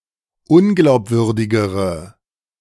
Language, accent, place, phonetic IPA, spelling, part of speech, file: German, Germany, Berlin, [ˈʊnɡlaʊ̯pˌvʏʁdɪɡəʁə], unglaubwürdigere, adjective, De-unglaubwürdigere.ogg
- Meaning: inflection of unglaubwürdig: 1. strong/mixed nominative/accusative feminine singular comparative degree 2. strong nominative/accusative plural comparative degree